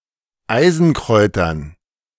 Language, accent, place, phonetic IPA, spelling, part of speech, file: German, Germany, Berlin, [ˈaɪ̯zn̩ˌkʁɔɪ̯tɐn], Eisenkräutern, noun, De-Eisenkräutern.ogg
- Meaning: dative plural of Eisenkraut